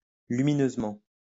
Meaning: luminously, brightly
- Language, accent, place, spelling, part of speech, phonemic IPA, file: French, France, Lyon, lumineusement, adverb, /ly.mi.nøz.mɑ̃/, LL-Q150 (fra)-lumineusement.wav